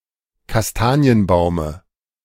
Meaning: dative singular of Kastanienbaum
- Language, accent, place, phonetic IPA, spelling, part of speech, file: German, Germany, Berlin, [kasˈtaːni̯ənˌbaʊ̯mə], Kastanienbaume, noun, De-Kastanienbaume.ogg